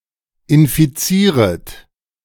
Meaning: second-person plural subjunctive I of infizieren
- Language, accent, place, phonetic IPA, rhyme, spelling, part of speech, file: German, Germany, Berlin, [ɪnfiˈt͡siːʁət], -iːʁət, infizieret, verb, De-infizieret.ogg